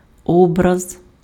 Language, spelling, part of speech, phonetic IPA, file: Ukrainian, образ, noun, [ˈɔbrɐz], Uk-образ.ogg
- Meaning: 1. image (graphical representation) 2. icon (sacred image)